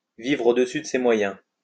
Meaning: to live beyond one's means
- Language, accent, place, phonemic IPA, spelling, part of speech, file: French, France, Lyon, /vivʁ o.de.sy d(ə) se mwa.jɛ̃/, vivre au-dessus de ses moyens, verb, LL-Q150 (fra)-vivre au-dessus de ses moyens.wav